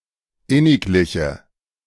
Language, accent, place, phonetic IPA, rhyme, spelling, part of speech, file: German, Germany, Berlin, [ˈɪnɪkˌlɪçə], -ɪnɪklɪçə, innigliche, adjective, De-innigliche.ogg
- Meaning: inflection of inniglich: 1. strong/mixed nominative/accusative feminine singular 2. strong nominative/accusative plural 3. weak nominative all-gender singular